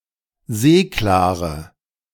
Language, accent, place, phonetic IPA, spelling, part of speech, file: German, Germany, Berlin, [ˈzeːklaːʁə], seeklare, adjective, De-seeklare.ogg
- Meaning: inflection of seeklar: 1. strong/mixed nominative/accusative feminine singular 2. strong nominative/accusative plural 3. weak nominative all-gender singular 4. weak accusative feminine/neuter singular